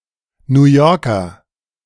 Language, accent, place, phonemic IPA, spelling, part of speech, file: German, Germany, Berlin, /njuːˈjɔːkɐ/, New Yorker, noun, De-New Yorker.ogg
- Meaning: New Yorker (native or inhabitant of New York state or city)